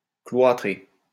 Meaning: post-1990 spelling of cloîtrer
- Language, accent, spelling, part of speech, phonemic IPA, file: French, France, cloitrer, verb, /klwa.tʁe/, LL-Q150 (fra)-cloitrer.wav